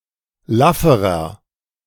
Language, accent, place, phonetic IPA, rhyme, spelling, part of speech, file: German, Germany, Berlin, [ˈlafəʁɐ], -afəʁɐ, lafferer, adjective, De-lafferer.ogg
- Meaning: inflection of laff: 1. strong/mixed nominative masculine singular comparative degree 2. strong genitive/dative feminine singular comparative degree 3. strong genitive plural comparative degree